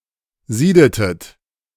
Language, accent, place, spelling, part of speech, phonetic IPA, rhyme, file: German, Germany, Berlin, siedetet, verb, [ˈziːdətət], -iːdətət, De-siedetet.ogg
- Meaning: inflection of sieden: 1. second-person plural preterite 2. second-person plural subjunctive II